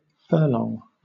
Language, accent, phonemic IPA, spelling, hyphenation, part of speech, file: English, Southern England, /ˈfɜːlɒŋ/, furlong, fur‧long, noun, LL-Q1860 (eng)-furlong.wav
- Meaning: A unit of distance equal to one-eighth of a mile (220 yards, or 201.168 metres), now mainly used in measuring distances in farmland and horse racing